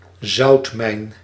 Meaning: salt mine
- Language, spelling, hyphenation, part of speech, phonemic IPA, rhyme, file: Dutch, zoutmijn, zout‧mijn, noun, /ˈzɑu̯t.mɛi̯n/, -ɑu̯tmɛi̯n, Nl-zoutmijn.ogg